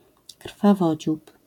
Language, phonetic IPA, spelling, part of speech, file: Polish, [kr̥faˈvɔd͡ʑup], krwawodziób, noun, LL-Q809 (pol)-krwawodziób.wav